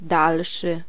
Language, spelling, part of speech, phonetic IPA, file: Polish, dalszy, adjective, [ˈdalʃɨ], Pl-dalszy.ogg